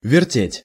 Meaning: to turn, to twist, to twirl, to spin
- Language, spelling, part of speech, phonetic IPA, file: Russian, вертеть, verb, [vʲɪrˈtʲetʲ], Ru-вертеть.ogg